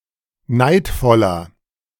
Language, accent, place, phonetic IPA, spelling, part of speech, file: German, Germany, Berlin, [ˈnaɪ̯tfɔlɐ], neidvoller, adjective, De-neidvoller.ogg
- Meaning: inflection of neidvoll: 1. strong/mixed nominative masculine singular 2. strong genitive/dative feminine singular 3. strong genitive plural